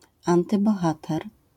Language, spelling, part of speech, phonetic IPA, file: Polish, antybohater, noun, [ˌãntɨbɔˈxatɛr], LL-Q809 (pol)-antybohater.wav